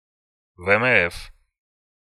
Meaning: navy
- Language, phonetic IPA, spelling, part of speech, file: Russian, [vɛ ɛm ˈɛf], ВМФ, noun, Ru-ВМФ.ogg